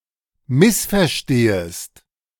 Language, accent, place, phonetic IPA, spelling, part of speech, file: German, Germany, Berlin, [ˈmɪsfɛɐ̯ˌʃteːəst], missverstehest, verb, De-missverstehest.ogg
- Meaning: second-person singular subjunctive I of missverstehen